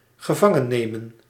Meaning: to take prisoner
- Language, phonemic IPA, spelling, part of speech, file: Dutch, /ɣəˈvɑŋəneːmə(n)/, gevangennemen, verb, Nl-gevangennemen.ogg